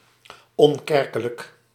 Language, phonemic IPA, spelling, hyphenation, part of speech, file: Dutch, /ˌɔnˈkɛr.kə.lək/, onkerkelijk, on‧ker‧ke‧lijk, adjective, Nl-onkerkelijk.ogg
- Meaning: not affiliated to a church or any other religious denomination; unchurched